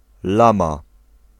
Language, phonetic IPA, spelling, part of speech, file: Polish, [ˈlãma], lama, noun, Pl-lama.ogg